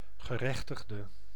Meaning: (noun) person who is entitled to something; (adjective) inflection of gerechtigd: 1. masculine/feminine singular attributive 2. definite neuter singular attributive 3. plural attributive
- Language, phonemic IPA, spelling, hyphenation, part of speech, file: Dutch, /ɣəˈrɛx.təx.də/, gerechtigde, ge‧rech‧tig‧de, noun / adjective, Nl-gerechtigde.ogg